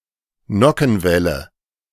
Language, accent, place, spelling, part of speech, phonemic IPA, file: German, Germany, Berlin, Nockenwelle, noun, /ˈnɔkn̩ˌvɛlə/, De-Nockenwelle.ogg
- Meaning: camshaft (a shaft fitted with cams)